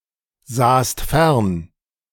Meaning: second-person singular preterite of fernsehen
- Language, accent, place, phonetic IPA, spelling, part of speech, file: German, Germany, Berlin, [ˌzaːst ˈfɛʁn], sahst fern, verb, De-sahst fern.ogg